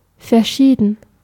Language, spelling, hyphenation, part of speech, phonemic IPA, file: German, verschieden, ver‧schie‧den, verb / adjective / adverb, /fɛɐ̯ˈʃiːdn̩/, De-verschieden.ogg
- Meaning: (verb) past participle of verscheiden; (adjective) 1. deceased 2. different 3. several, various, miscellaneous; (adverb) differently